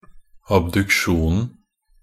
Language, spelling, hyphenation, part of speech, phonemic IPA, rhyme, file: Norwegian Bokmål, abduksjonen, ab‧duk‧sjon‧en, noun, /abdʉkˈʃuːnn̩/, -uːnn̩, Nb-abduksjonen.ogg
- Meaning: definite singular of abduksjon